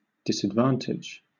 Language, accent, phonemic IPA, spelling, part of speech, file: English, Southern England, /ˌdɪsədˈvɑːntɪdʒ/, disadvantage, noun / verb, LL-Q1860 (eng)-disadvantage.wav
- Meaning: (noun) 1. A weakness or undesirable characteristic; con; drawback 2. A setback or handicap 3. Loss; detriment; hindrance; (verb) To place at a disadvantage